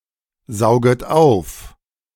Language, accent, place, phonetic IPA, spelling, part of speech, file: German, Germany, Berlin, [ˌzaʊ̯ɡət ˈaʊ̯f], sauget auf, verb, De-sauget auf.ogg
- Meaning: second-person plural subjunctive I of aufsaugen